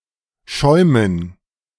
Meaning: 1. dative plural of Schaum 2. gerund of schäumen 3. foaming
- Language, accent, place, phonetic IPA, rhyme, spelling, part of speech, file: German, Germany, Berlin, [ˈʃɔɪ̯mən], -ɔɪ̯mən, Schäumen, noun, De-Schäumen.ogg